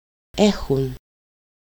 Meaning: third-person plural present indicative of έχω (écho): "they have"
- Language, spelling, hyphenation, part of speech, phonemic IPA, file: Greek, έχουν, έ‧χουν, verb, /ˈe.xun/, El-έχουν.ogg